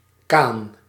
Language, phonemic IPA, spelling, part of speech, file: Dutch, /kan/, kaan, noun / verb, Nl-kaan.ogg
- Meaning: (noun) a small boat used on inland waters; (verb) inflection of kanen: 1. first-person singular present indicative 2. second-person singular present indicative 3. imperative